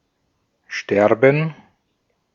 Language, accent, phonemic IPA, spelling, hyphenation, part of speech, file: German, Austria, /ˈʃtɛrbən/, sterben, ster‧ben, verb, De-at-sterben.ogg
- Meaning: to die